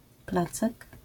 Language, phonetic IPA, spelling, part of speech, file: Polish, [ˈplat͡sɛk], placek, noun, LL-Q809 (pol)-placek.wav